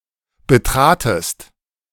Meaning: second-person singular preterite of betreten
- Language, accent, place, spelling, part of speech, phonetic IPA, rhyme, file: German, Germany, Berlin, betratest, verb, [bəˈtʁaːtəst], -aːtəst, De-betratest.ogg